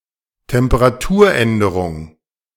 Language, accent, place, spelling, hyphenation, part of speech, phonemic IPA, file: German, Germany, Berlin, Temperaturänderung, Tem‧pe‧ra‧tur‧än‧de‧rung, noun, /tɛmpəʁaˈtuːɐ̯ˌ.ɛndəʁʊŋ/, De-Temperaturänderung.ogg
- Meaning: temperature change